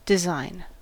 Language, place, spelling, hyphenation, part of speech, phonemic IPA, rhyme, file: English, California, design, de‧sign, noun / verb, /dɪˈzaɪn/, -aɪn, En-us-design.ogg
- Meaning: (noun) A specification of an object or process, referring to requirements to be satisfied and thus conditions to be met for them to solve a problem